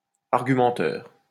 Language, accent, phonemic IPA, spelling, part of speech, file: French, France, /aʁ.ɡy.mɑ̃.tœʁ/, argumenteur, adjective, LL-Q150 (fra)-argumenteur.wav
- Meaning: argumentative